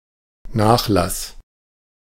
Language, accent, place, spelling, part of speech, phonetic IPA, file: German, Germany, Berlin, Nachlass, noun, [ˈnaːxˌlas], De-Nachlass.ogg
- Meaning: 1. estate (of inheritance) 2. heritage 3. discount